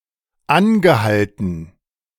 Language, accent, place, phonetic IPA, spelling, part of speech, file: German, Germany, Berlin, [ˈanɡəˌhaltn̩], angehalten, verb, De-angehalten.ogg
- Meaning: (verb) past participle of anhalten; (adjective) stopped, halted